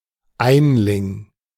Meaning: singleton (i.e. not a twin, triplet, etc.)
- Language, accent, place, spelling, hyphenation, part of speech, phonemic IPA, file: German, Germany, Berlin, Einling, Ein‧ling, noun, /ˈaɪ̯nlɪŋ/, De-Einling.ogg